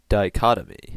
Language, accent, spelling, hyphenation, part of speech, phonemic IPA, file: English, US, dichotomy, di‧cho‧to‧my, noun, /daɪˈkɑtəmi/, En-us-dichotomy.ogg
- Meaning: 1. A separation or division into two; a distinction that results in such a division 2. Such a division involving apparently incompatible or opposite principles; a duality